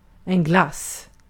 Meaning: 1. ice cream 2. frozen fruit juice, flavored sugar water or the like, especially when served as a popsicle / ice lolly or freeze pop
- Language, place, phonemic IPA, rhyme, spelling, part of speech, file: Swedish, Gotland, /ɡlas/, -as, glass, noun, Sv-glass.ogg